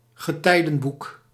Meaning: book of hours
- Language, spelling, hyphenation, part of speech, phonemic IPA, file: Dutch, getijdenboek, ge‧tij‧den‧boek, noun, /ɣəˈtɛi̯.də(n)ˌbuk/, Nl-getijdenboek.ogg